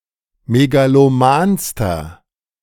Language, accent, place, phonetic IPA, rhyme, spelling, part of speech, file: German, Germany, Berlin, [meɡaloˈmaːnstɐ], -aːnstɐ, megalomanster, adjective, De-megalomanster.ogg
- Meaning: inflection of megaloman: 1. strong/mixed nominative masculine singular superlative degree 2. strong genitive/dative feminine singular superlative degree 3. strong genitive plural superlative degree